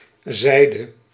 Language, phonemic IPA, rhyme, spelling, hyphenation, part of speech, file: Dutch, /ˈzɛi̯.də/, -ɛi̯də, zijde, zij‧de, noun / contraction, Nl-zijde.ogg
- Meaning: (noun) 1. side, face (of an object) 2. silk; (contraction) contraction of zijt + gij